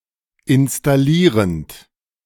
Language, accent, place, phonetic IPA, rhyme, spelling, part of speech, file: German, Germany, Berlin, [ɪnstaˈliːʁənt], -iːʁənt, installierend, verb, De-installierend.ogg
- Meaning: present participle of installieren